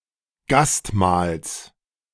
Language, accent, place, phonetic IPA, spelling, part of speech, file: German, Germany, Berlin, [ˈɡastˌmaːls], Gastmahls, noun, De-Gastmahls.ogg
- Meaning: genitive singular of Gastmahl